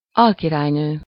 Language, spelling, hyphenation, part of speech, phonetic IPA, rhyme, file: Hungarian, alkirálynő, al‧ki‧rály‧nő, noun, [ˈɒlkiraːjnøː], -nøː, Hu-alkirálynő.ogg
- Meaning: vicereine (a woman who is a viceroy)